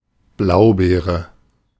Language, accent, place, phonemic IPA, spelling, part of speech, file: German, Germany, Berlin, /ˈblaʊ̯ˌbeːʁə/, Blaubeere, noun, De-Blaubeere.ogg
- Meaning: blueberry